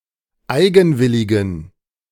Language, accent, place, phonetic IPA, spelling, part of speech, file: German, Germany, Berlin, [ˈaɪ̯ɡn̩ˌvɪlɪɡn̩], eigenwilligen, adjective, De-eigenwilligen.ogg
- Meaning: inflection of eigenwillig: 1. strong genitive masculine/neuter singular 2. weak/mixed genitive/dative all-gender singular 3. strong/weak/mixed accusative masculine singular 4. strong dative plural